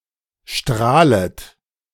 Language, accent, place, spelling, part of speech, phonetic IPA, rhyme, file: German, Germany, Berlin, strahlet, verb, [ˈʃtʁaːlət], -aːlət, De-strahlet.ogg
- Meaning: second-person plural subjunctive I of strahlen